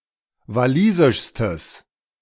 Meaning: strong/mixed nominative/accusative neuter singular superlative degree of walisisch
- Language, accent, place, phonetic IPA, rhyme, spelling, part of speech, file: German, Germany, Berlin, [vaˈliːzɪʃstəs], -iːzɪʃstəs, walisischstes, adjective, De-walisischstes.ogg